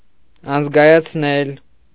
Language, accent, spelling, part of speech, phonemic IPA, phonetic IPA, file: Armenian, Eastern Armenian, անզգայացնել, verb, /ɑnəzɡɑjɑt͡sʰˈnel/, [ɑnəzɡɑjɑt͡sʰnél], Hy-անզգայացնել.ogg
- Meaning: causative of անզգայանալ (anzgayanal): 1. to numb (to make numb) 2. to anesthetize